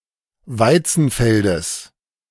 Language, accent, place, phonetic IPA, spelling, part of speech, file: German, Germany, Berlin, [ˈvaɪ̯t͡sn̩ˌfɛldəs], Weizenfeldes, noun, De-Weizenfeldes.ogg
- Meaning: genitive singular of Weizenfeld